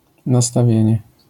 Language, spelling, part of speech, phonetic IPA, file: Polish, nastawienie, noun, [ˌnastaˈvʲjɛ̇̃ɲɛ], LL-Q809 (pol)-nastawienie.wav